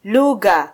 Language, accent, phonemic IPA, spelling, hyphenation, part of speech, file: Swahili, Kenya, /ˈlu.ɣɑ/, lugha, lu‧gha, noun, Sw-ke-lugha.flac
- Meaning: language